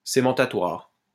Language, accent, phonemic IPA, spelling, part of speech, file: French, France, /se.mɑ̃.ta.twaʁ/, cémentatoire, adjective, LL-Q150 (fra)-cémentatoire.wav
- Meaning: cementatory